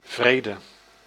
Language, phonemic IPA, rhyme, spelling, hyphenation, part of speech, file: Dutch, /ˈvreːdə/, -eːdə, vrede, vre‧de, noun, Nl-vrede.ogg
- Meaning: 1. peace 2. peace treaty